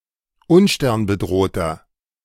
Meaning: inflection of unsternbedroht: 1. strong/mixed nominative masculine singular 2. strong genitive/dative feminine singular 3. strong genitive plural
- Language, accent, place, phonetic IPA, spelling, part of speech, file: German, Germany, Berlin, [ˈʊnʃtɛʁnbəˌdʁoːtɐ], unsternbedrohter, adjective, De-unsternbedrohter.ogg